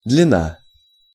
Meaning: length
- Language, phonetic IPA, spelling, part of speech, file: Russian, [dlʲɪˈna], длина, noun, Ru-длина.ogg